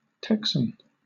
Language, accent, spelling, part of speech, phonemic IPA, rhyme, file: English, Southern England, Texan, adjective / noun, /ˈtɛksən/, -ɛksən, LL-Q1860 (eng)-Texan.wav
- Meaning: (adjective) 1. Of or pertaining to the inhabitants of the U.S. state of Texas 2. Of or pertaining to the U.S. state of Texas in general